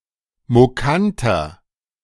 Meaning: 1. comparative degree of mokant 2. inflection of mokant: strong/mixed nominative masculine singular 3. inflection of mokant: strong genitive/dative feminine singular
- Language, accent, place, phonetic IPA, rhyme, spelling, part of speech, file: German, Germany, Berlin, [moˈkantɐ], -antɐ, mokanter, adjective, De-mokanter.ogg